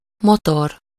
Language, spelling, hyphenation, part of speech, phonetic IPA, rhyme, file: Hungarian, motor, mo‧tor, noun, [ˈmotor], -or, Hu-motor.ogg
- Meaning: engine, motor (a machine or device that converts other energy forms into mechanical energy, or imparts motion; the part of a car or other vehicle which provides the force for motion)